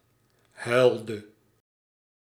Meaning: inflection of huilen: 1. singular past indicative 2. singular past subjunctive
- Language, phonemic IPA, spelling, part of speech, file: Dutch, /ˈɦœy̯ldə/, huilde, verb, Nl-huilde.ogg